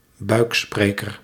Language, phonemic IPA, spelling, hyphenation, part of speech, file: Dutch, /ˈbœy̯kˌspreː.kər/, buikspreker, buik‧spre‧ker, noun, Nl-buikspreker.ogg
- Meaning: a ventriloquist